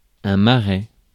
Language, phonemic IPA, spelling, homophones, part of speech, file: French, /ma.ʁɛ/, marais, Marais, noun, Fr-marais.ogg
- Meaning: 1. swamp, marsh 2. land suitable for growing primeur or vegetable